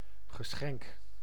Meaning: gift, present
- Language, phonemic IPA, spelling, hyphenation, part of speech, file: Dutch, /ɣəˈsxɛŋk/, geschenk, ge‧schenk, noun, Nl-geschenk.ogg